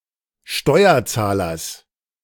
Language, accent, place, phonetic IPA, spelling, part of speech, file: German, Germany, Berlin, [ˈʃtɔɪ̯ɐˌt͡saːlɐs], Steuerzahlers, noun, De-Steuerzahlers.ogg
- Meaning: genitive of Steuerzahler